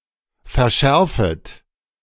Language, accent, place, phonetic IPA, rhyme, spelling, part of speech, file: German, Germany, Berlin, [fɛɐ̯ˈʃɛʁfət], -ɛʁfət, verschärfet, verb, De-verschärfet.ogg
- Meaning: second-person plural subjunctive I of verschärfen